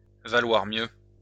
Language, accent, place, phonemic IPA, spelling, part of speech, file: French, France, Lyon, /va.lwaʁ mjø/, valoir mieux, verb, LL-Q150 (fra)-valoir mieux.wav
- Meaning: to be better, to be preferrable